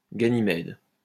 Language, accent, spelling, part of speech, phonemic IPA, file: French, France, Ganymède, proper noun, /ɡa.ni.mɛd/, LL-Q150 (fra)-Ganymède.wav
- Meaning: 1. Ganymede (in Greek mythology) 2. Ganymede (moon)